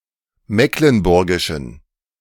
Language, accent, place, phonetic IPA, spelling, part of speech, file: German, Germany, Berlin, [ˈmeːklənˌbʊʁɡɪʃn̩], mecklenburgischen, adjective, De-mecklenburgischen.ogg
- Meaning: inflection of mecklenburgisch: 1. strong genitive masculine/neuter singular 2. weak/mixed genitive/dative all-gender singular 3. strong/weak/mixed accusative masculine singular 4. strong dative plural